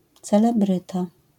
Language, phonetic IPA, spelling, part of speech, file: Polish, [ˌt͡sɛlɛˈbrɨta], celebryta, noun, LL-Q809 (pol)-celebryta.wav